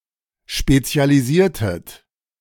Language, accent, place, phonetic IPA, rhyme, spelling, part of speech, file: German, Germany, Berlin, [ˌʃpet͡si̯aliˈziːɐ̯tət], -iːɐ̯tət, spezialisiertet, verb, De-spezialisiertet.ogg
- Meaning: inflection of spezialisieren: 1. second-person plural preterite 2. second-person plural subjunctive II